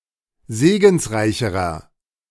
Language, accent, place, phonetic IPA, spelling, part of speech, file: German, Germany, Berlin, [ˈzeːɡn̩sˌʁaɪ̯çəʁɐ], segensreicherer, adjective, De-segensreicherer.ogg
- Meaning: inflection of segensreich: 1. strong/mixed nominative masculine singular comparative degree 2. strong genitive/dative feminine singular comparative degree 3. strong genitive plural comparative degree